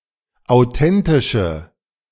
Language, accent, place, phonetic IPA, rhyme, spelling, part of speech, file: German, Germany, Berlin, [aʊ̯ˈtɛntɪʃə], -ɛntɪʃə, authentische, adjective, De-authentische.ogg
- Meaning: inflection of authentisch: 1. strong/mixed nominative/accusative feminine singular 2. strong nominative/accusative plural 3. weak nominative all-gender singular